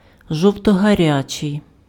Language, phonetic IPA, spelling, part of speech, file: Ukrainian, [ˌʒɔu̯tɔɦɐˈrʲat͡ʃei̯], жовтогарячий, adjective, Uk-жовтогарячий.ogg
- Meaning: 1. sunflower (color) 2. orange (color)